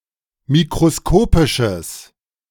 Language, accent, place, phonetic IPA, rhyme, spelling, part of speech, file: German, Germany, Berlin, [mikʁoˈskoːpɪʃəs], -oːpɪʃəs, mikroskopisches, adjective, De-mikroskopisches.ogg
- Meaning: strong/mixed nominative/accusative neuter singular of mikroskopisch